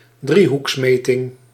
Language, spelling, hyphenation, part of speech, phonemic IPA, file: Dutch, driehoeksmeting, drie‧hoeks‧me‧ting, noun, /ˈdri.ɦuksˌmeː.tɪŋ/, Nl-driehoeksmeting.ogg
- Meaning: triangulation